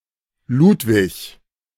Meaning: 1. a male given name from Middle High German, feminine equivalent Luise, Luisa, Louise, and Louisa; variant forms Lutz, Luis, Louis 2. a surname originating as a patronymic
- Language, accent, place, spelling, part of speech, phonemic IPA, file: German, Germany, Berlin, Ludwig, proper noun, /ˈlʊtvɪç/, De-Ludwig.ogg